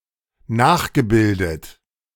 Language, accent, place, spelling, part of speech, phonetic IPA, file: German, Germany, Berlin, nachgebildet, verb, [ˈnaːxɡəˌbɪldət], De-nachgebildet.ogg
- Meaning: past participle of nachbilden